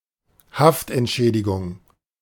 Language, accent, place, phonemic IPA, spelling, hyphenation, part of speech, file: German, Germany, Berlin, /ˈhaftʔɛntˌʃɛːdɪɡʊŋ/, Haftentschädigung, Haft‧ent‧schä‧di‧gung, noun, De-Haftentschädigung.ogg
- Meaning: compensation for wrongful imprisonment